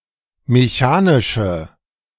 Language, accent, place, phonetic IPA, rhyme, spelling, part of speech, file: German, Germany, Berlin, [meˈçaːnɪʃə], -aːnɪʃə, mechanische, adjective, De-mechanische.ogg
- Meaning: inflection of mechanisch: 1. strong/mixed nominative/accusative feminine singular 2. strong nominative/accusative plural 3. weak nominative all-gender singular